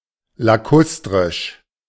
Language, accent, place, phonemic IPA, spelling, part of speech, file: German, Germany, Berlin, /laˈkʊstʁɪʃ/, lakustrisch, adjective, De-lakustrisch.ogg
- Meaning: lacustrine